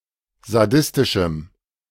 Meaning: strong dative masculine/neuter singular of sadistisch
- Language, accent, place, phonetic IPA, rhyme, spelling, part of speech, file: German, Germany, Berlin, [zaˈdɪstɪʃm̩], -ɪstɪʃm̩, sadistischem, adjective, De-sadistischem.ogg